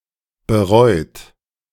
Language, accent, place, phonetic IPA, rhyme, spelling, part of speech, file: German, Germany, Berlin, [bəˈʁɔɪ̯t], -ɔɪ̯t, bereut, verb, De-bereut.ogg
- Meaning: 1. past participle of bereuen 2. inflection of bereuen: third-person singular present 3. inflection of bereuen: second-person plural present 4. inflection of bereuen: plural imperative